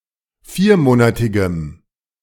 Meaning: strong dative masculine/neuter singular of viermonatig
- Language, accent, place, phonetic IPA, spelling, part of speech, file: German, Germany, Berlin, [ˈfiːɐ̯ˌmoːnatɪɡəm], viermonatigem, adjective, De-viermonatigem.ogg